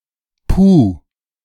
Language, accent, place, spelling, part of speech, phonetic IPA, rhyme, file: German, Germany, Berlin, puh, interjection, [puː], -uː, De-puh.ogg
- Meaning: phew!